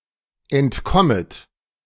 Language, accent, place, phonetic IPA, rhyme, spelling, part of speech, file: German, Germany, Berlin, [ɛntˈkɔmət], -ɔmət, entkommet, verb, De-entkommet.ogg
- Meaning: second-person plural subjunctive I of entkommen